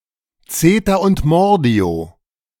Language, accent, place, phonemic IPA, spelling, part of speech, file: German, Germany, Berlin, /ˈt͡seːtɐ ʊnt ˈmɔʁdi̯o/, Zeter und Mordio, phrase, De-Zeter und Mordio.ogg
- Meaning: hue and cry (loud and persistent public clamour)